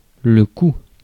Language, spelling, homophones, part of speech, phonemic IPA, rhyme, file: French, cou, coud / couds / coup / coups / cous / coût / coûts, noun, /ku/, -u, Fr-cou.ogg
- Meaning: neck